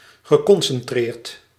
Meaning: past participle of concentreren
- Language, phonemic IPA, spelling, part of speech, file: Dutch, /ɣəˌkɔnsɛnˌtrert/, geconcentreerd, verb / adjective, Nl-geconcentreerd.ogg